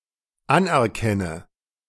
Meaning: inflection of anerkennen: 1. first-person singular dependent present 2. first/third-person singular dependent subjunctive I
- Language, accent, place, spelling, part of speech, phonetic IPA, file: German, Germany, Berlin, anerkenne, verb, [ˈanʔɛɐ̯ˌkɛnə], De-anerkenne.ogg